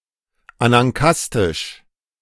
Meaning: anankastic
- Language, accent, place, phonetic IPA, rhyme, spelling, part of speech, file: German, Germany, Berlin, [ˌanaŋˈkastɪʃ], -astɪʃ, anankastisch, adjective, De-anankastisch.ogg